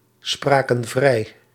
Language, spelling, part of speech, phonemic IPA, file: Dutch, spraken vrij, verb, /ˈsprakə(n) ˈvrɛi/, Nl-spraken vrij.ogg
- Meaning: inflection of vrijspreken: 1. plural past indicative 2. plural past subjunctive